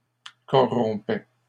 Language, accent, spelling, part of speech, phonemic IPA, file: French, Canada, corrompait, verb, /kɔ.ʁɔ̃.pɛ/, LL-Q150 (fra)-corrompait.wav
- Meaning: third-person singular imperfect indicative of corrompre